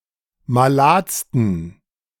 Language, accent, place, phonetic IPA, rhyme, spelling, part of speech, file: German, Germany, Berlin, [maˈlaːt͡stn̩], -aːt͡stn̩, maladsten, adjective, De-maladsten.ogg
- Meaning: 1. superlative degree of malad 2. inflection of malad: strong genitive masculine/neuter singular superlative degree